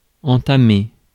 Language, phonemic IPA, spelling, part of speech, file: French, /ɑ̃.ta.me/, entamer, verb, Fr-entamer.ogg
- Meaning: 1. to cut into (something) 2. to remove a small piece of something 3. to lead (play the first card) 4. to eat into (savings etc.); to undermine (credibility) 5. to start, to begin, initiate